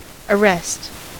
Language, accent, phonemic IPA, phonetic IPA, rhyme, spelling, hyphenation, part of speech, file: English, US, /əˈɹɛst/, [əˈɹʷɛst], -ɛst, arrest, ar‧rest, noun / verb, En-us-arrest.ogg
- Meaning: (noun) 1. A check; a stop; an act or instance of arresting something 2. The condition of being stopped, standstill 3. The process of arresting a criminal, suspect etc